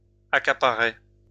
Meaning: third-person plural imperfect indicative of accaparer
- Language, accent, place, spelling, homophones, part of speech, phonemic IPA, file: French, France, Lyon, accaparaient, accaparais / accaparait, verb, /a.ka.pa.ʁɛ/, LL-Q150 (fra)-accaparaient.wav